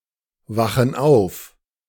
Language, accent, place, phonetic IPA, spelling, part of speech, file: German, Germany, Berlin, [ˌvaxn̩ ˈaʊ̯f], wachen auf, verb, De-wachen auf.ogg
- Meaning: inflection of aufwachen: 1. first/third-person plural present 2. first/third-person plural subjunctive I